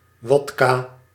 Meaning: vodka (clear distilled alcoholic liquor made from grain mash)
- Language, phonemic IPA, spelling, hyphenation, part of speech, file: Dutch, /ˈʋɔtkaː/, wodka, wod‧ka, noun, Nl-wodka.ogg